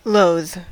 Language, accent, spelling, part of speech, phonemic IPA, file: English, US, loathe, verb, /ˈloʊð/, En-us-loathe.ogg
- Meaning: 1. To detest, hate, or revile (someone or something) 2. To induce or inspire disgust (in a person)